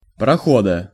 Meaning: genitive singular of прохо́д (proxód)
- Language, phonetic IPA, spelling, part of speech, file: Russian, [prɐˈxodə], прохода, noun, Ru-прохода.ogg